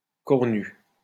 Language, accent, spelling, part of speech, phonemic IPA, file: French, France, cornu, adjective, /kɔʁ.ny/, LL-Q150 (fra)-cornu.wav
- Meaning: horned